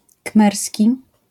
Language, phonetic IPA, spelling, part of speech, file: Polish, [ˈkmɛrsʲci], khmerski, adjective / noun, LL-Q809 (pol)-khmerski.wav